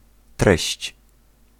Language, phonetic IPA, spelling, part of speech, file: Polish, [trɛɕt͡ɕ], treść, noun, Pl-treść.ogg